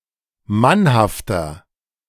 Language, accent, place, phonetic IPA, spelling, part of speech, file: German, Germany, Berlin, [ˈmanhaftɐ], mannhafter, adjective, De-mannhafter.ogg
- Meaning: 1. comparative degree of mannhaft 2. inflection of mannhaft: strong/mixed nominative masculine singular 3. inflection of mannhaft: strong genitive/dative feminine singular